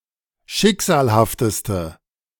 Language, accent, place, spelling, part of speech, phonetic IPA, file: German, Germany, Berlin, schicksalhafteste, adjective, [ˈʃɪkz̥aːlhaftəstə], De-schicksalhafteste.ogg
- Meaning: inflection of schicksalhaft: 1. strong/mixed nominative/accusative feminine singular superlative degree 2. strong nominative/accusative plural superlative degree